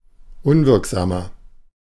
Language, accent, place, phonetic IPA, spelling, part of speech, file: German, Germany, Berlin, [ˈʊnvɪʁkzaːmɐ], unwirksamer, adjective, De-unwirksamer.ogg
- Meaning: inflection of unwirksam: 1. strong/mixed nominative masculine singular 2. strong genitive/dative feminine singular 3. strong genitive plural